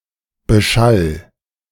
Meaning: 1. singular imperative of beschallen 2. first-person singular present of beschallen
- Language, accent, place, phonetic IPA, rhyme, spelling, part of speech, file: German, Germany, Berlin, [bəˈʃal], -al, beschall, verb, De-beschall.ogg